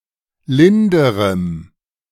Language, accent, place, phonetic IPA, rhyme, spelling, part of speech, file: German, Germany, Berlin, [ˈlɪndəʁəm], -ɪndəʁəm, linderem, adjective, De-linderem.ogg
- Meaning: strong dative masculine/neuter singular comparative degree of lind